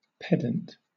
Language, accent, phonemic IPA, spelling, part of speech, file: English, Southern England, /ˈpɛdənt/, pedant, noun / adjective / verb, LL-Q1860 (eng)-pedant.wav
- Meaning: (noun) A person who makes an excessive or tedious show of their knowledge, especially regarding rules of vocabulary and grammar